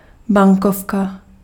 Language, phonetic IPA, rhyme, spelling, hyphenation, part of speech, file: Czech, [ˈbaŋkofka], -ofka, bankovka, ban‧kov‧ka, noun, Cs-bankovka.ogg
- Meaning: banknote, note (UK), bill (US)